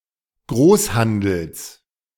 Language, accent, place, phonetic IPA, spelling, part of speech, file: German, Germany, Berlin, [ˈɡʁoːsˌhandl̩s], Großhandels, noun, De-Großhandels.ogg
- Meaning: genitive singular of Großhandel